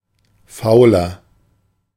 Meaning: 1. comparative degree of faul 2. inflection of faul: strong/mixed nominative masculine singular 3. inflection of faul: strong genitive/dative feminine singular
- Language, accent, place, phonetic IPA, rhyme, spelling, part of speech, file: German, Germany, Berlin, [ˈfaʊ̯lɐ], -aʊ̯lɐ, fauler, adjective, De-fauler.ogg